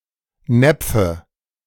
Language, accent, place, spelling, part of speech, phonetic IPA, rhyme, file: German, Germany, Berlin, Näpfe, noun, [ˈnɛp͡fə], -ɛp͡fə, De-Näpfe.ogg
- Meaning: nominative/accusative/genitive plural of Napf